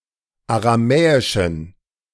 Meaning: inflection of aramäisch: 1. strong genitive masculine/neuter singular 2. weak/mixed genitive/dative all-gender singular 3. strong/weak/mixed accusative masculine singular 4. strong dative plural
- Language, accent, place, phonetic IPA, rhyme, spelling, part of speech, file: German, Germany, Berlin, [aʁaˈmɛːɪʃn̩], -ɛːɪʃn̩, aramäischen, adjective, De-aramäischen.ogg